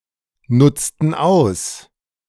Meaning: inflection of ausnutzen: 1. first/third-person plural preterite 2. first/third-person plural subjunctive II
- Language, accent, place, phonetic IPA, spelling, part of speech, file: German, Germany, Berlin, [ˌnʊt͡stn̩ ˈaʊ̯s], nutzten aus, verb, De-nutzten aus.ogg